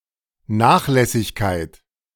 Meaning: negligence; carelessness
- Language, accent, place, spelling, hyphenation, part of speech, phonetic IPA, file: German, Germany, Berlin, Nachlässigkeit, Nach‧läs‧sig‧keit, noun, [ˈnaːxˌlɛsɪçkaɪ̯t], De-Nachlässigkeit.ogg